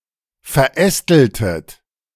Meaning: inflection of verästeln: 1. second-person plural preterite 2. second-person plural subjunctive II
- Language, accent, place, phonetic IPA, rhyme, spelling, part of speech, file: German, Germany, Berlin, [fɛɐ̯ˈʔɛstl̩tət], -ɛstl̩tət, verästeltet, verb, De-verästeltet.ogg